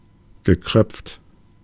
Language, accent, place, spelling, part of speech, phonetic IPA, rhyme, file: German, Germany, Berlin, gekröpft, adjective, [ɡəˈkʁœp͡ft], -œp͡ft, De-gekröpft.ogg
- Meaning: cranked